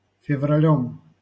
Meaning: instrumental singular of февра́ль (fevrálʹ)
- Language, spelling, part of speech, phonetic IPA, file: Russian, февралём, noun, [fʲɪvrɐˈlʲɵm], LL-Q7737 (rus)-февралём.wav